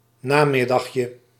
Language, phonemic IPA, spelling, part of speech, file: Dutch, /ˈnamɪdɑxjə/, namiddagje, noun, Nl-namiddagje.ogg
- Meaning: diminutive of namiddag